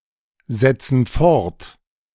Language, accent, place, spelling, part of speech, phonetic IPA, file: German, Germany, Berlin, setzen fort, verb, [ˌzɛt͡sn̩ ˈfɔʁt], De-setzen fort.ogg
- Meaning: inflection of fortsetzen: 1. first/third-person plural present 2. first/third-person plural subjunctive I